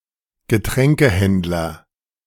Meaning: a seller of beverages
- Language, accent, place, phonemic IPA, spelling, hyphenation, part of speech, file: German, Germany, Berlin, /ɡəˈtʁɛŋkəˌhɛntlɐ/, Getränkehändler, Ge‧trän‧ke‧händ‧ler, noun, De-Getränkehändler.ogg